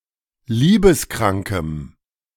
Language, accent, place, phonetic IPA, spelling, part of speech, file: German, Germany, Berlin, [ˈliːbəsˌkʁaŋkəm], liebeskrankem, adjective, De-liebeskrankem.ogg
- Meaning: strong dative masculine/neuter singular of liebeskrank